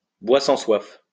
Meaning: soak (drunkard)
- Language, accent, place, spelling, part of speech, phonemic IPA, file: French, France, Lyon, boit-sans-soif, noun, /bwa.sɑ̃.swaf/, LL-Q150 (fra)-boit-sans-soif.wav